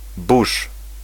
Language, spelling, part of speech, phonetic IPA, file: Polish, busz, noun, [buʃ], Pl-busz.ogg